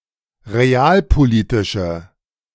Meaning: inflection of realpolitisch: 1. strong/mixed nominative/accusative feminine singular 2. strong nominative/accusative plural 3. weak nominative all-gender singular
- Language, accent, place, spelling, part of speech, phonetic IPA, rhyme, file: German, Germany, Berlin, realpolitische, adjective, [ʁeˈaːlpoˌliːtɪʃə], -aːlpoliːtɪʃə, De-realpolitische.ogg